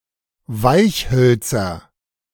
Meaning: nominative/accusative/genitive plural of Weichholz
- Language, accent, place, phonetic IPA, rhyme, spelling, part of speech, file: German, Germany, Berlin, [ˈvaɪ̯çˌhœlt͡sɐ], -aɪ̯çhœlt͡sɐ, Weichhölzer, noun, De-Weichhölzer.ogg